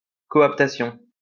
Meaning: coaptation
- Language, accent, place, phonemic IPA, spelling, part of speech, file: French, France, Lyon, /kɔ.ap.ta.sjɔ̃/, coaptation, noun, LL-Q150 (fra)-coaptation.wav